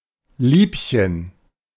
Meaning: 1. sweetheart (a term of address) 2. dear (anything or anyone dear) 3. paramour
- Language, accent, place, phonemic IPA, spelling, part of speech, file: German, Germany, Berlin, /ˈliːpçən/, Liebchen, noun, De-Liebchen.ogg